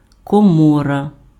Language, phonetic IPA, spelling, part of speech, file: Ukrainian, [kɔˈmɔrɐ], комора, noun, Uk-комора.ogg
- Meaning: 1. pantry, larder, storeroom, cellar (room in a house used to store produce) 2. granary, barn, storehouse (separate building near a house used to store produce) 3. ventricle (of a heart, brain)